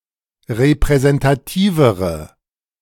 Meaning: inflection of repräsentativ: 1. strong/mixed nominative/accusative feminine singular comparative degree 2. strong nominative/accusative plural comparative degree
- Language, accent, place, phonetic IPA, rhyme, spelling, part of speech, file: German, Germany, Berlin, [ʁepʁɛzɛntaˈtiːvəʁə], -iːvəʁə, repräsentativere, adjective, De-repräsentativere.ogg